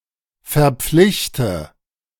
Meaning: inflection of verpflichten: 1. first-person singular present 2. first/third-person singular subjunctive I 3. singular imperative
- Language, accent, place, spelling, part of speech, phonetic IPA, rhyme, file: German, Germany, Berlin, verpflichte, verb, [fɛɐ̯ˈp͡flɪçtə], -ɪçtə, De-verpflichte.ogg